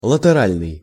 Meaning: lateral
- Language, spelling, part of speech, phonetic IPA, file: Russian, латеральный, adjective, [ɫətɨˈralʲnɨj], Ru-латеральный.ogg